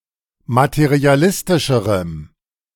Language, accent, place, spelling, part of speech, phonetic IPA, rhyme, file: German, Germany, Berlin, materialistischerem, adjective, [matəʁiaˈlɪstɪʃəʁəm], -ɪstɪʃəʁəm, De-materialistischerem.ogg
- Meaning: strong dative masculine/neuter singular comparative degree of materialistisch